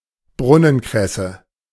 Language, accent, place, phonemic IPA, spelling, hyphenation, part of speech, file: German, Germany, Berlin, /ˈbʁʊnənkʁɛsə/, Brunnenkresse, Brun‧nen‧kres‧se, noun, De-Brunnenkresse.ogg
- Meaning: watercress (Nasturtium officinale)